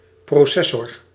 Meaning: a microprocessor
- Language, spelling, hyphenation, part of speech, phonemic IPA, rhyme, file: Dutch, processor, pro‧ces‧sor, noun, /ˌproːˈsɛ.sɔr/, -ɛsɔr, Nl-processor.ogg